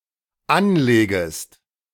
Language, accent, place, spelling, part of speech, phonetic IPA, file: German, Germany, Berlin, anlegest, verb, [ˈanˌleːɡəst], De-anlegest.ogg
- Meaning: second-person singular dependent subjunctive I of anlegen